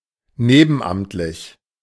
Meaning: in a secondary role
- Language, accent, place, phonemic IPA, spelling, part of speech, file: German, Germany, Berlin, /ˈneːbn̩ˌʔamtlɪç/, nebenamtlich, adjective, De-nebenamtlich.ogg